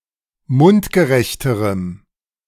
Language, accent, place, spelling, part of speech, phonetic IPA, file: German, Germany, Berlin, mundgerechterem, adjective, [ˈmʊntɡəˌʁɛçtəʁəm], De-mundgerechterem.ogg
- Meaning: strong dative masculine/neuter singular comparative degree of mundgerecht